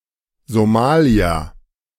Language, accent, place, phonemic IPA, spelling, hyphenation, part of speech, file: German, Germany, Berlin, /zoˈmaːli̯a/, Somalia, So‧ma‧lia, proper noun, De-Somalia.ogg
- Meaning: Somalia (a country in East Africa, in the Horn of Africa)